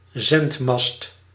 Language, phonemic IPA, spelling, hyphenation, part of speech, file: Dutch, /ˈzɛnt.mɑst/, zendmast, zend‧mast, noun, Nl-zendmast.ogg
- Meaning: transmitter tower, radio mast